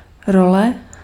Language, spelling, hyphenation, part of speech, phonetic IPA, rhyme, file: Czech, role, ro‧le, noun, [ˈrolɛ], -olɛ, Cs-role.ogg
- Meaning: 1. role, part (of an actor) 2. lines (spoken text of an actor playing a part) 3. role (e.g. of a person in a society) 4. role (function of a constituent in a clause) 5. scroll